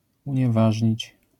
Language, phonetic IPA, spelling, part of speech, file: Polish, [ˌũɲɛˈvaʒʲɲit͡ɕ], unieważnić, verb, LL-Q809 (pol)-unieważnić.wav